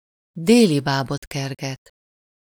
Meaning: to chase a rainbow (to pursue something illusory, impractical, or impossible)
- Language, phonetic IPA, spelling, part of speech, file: Hungarian, [ˈdeːlibaːbotkɛrɡɛt], délibábot kerget, verb, Hu-délibábot kerget.ogg